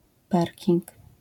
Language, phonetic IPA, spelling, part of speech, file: Polish, [ˈparʲcĩŋk], parking, noun, LL-Q809 (pol)-parking.wav